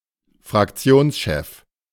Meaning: synonym of Fraktionsvorsitzender
- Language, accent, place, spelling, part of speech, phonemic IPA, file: German, Germany, Berlin, Fraktionschef, noun, /fʁakˈt͡si̯oːnsˌʃɛf/, De-Fraktionschef.ogg